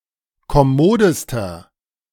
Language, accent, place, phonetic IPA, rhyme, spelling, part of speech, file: German, Germany, Berlin, [kɔˈmoːdəstɐ], -oːdəstɐ, kommodester, adjective, De-kommodester.ogg
- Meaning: inflection of kommod: 1. strong/mixed nominative masculine singular superlative degree 2. strong genitive/dative feminine singular superlative degree 3. strong genitive plural superlative degree